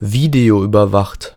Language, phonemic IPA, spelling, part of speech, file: German, /ˈviːdeoʔyːbɐˌvaχt/, videoüberwacht, adjective, De-videoüberwacht.ogg
- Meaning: under video surveillance